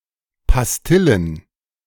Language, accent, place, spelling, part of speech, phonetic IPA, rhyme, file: German, Germany, Berlin, Pastillen, noun, [pasˈtɪlən], -ɪlən, De-Pastillen.ogg
- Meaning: plural of Pastille